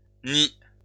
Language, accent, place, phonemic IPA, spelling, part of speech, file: French, France, Lyon, /ni/, nids, noun, LL-Q150 (fra)-nids.wav
- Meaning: plural of nid